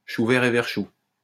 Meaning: tomayto, tomahto; same difference; six of one, half a dozen of the other
- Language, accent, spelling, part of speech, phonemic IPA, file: French, France, chou vert et vert chou, phrase, /ʃu vɛʁ e vɛʁ ʃu/, LL-Q150 (fra)-chou vert et vert chou.wav